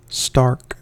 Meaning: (adjective) 1. Hard, firm; obdurate 2. Severe; violent; fierce (now usually in describing the weather) 3. Strong; vigorous; powerful 4. Stiff, rigid 5. Plain in appearance; barren, desolate 6. Naked
- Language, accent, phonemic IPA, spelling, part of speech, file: English, US, /stɑɹk/, stark, adjective / adverb / verb, En-us-stark.ogg